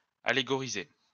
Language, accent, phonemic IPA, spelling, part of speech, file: French, France, /a.le.ɡɔ.ʁi.ze/, allégoriser, verb, LL-Q150 (fra)-allégoriser.wav
- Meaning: to allegorize